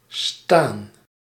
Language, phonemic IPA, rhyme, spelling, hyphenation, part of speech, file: Dutch, /staːn/, -aːn, staan, staan, verb, Nl-staan.ogg
- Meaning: 1. to stand, to be upright 2. to be, to be placed or located 3. Forms a continuous aspect. Although it carries an implication of standing, this is vague and is not strictly required or emphasized